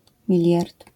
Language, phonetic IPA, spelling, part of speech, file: Polish, [ˈmʲilʲjart], miliard, noun, LL-Q809 (pol)-miliard.wav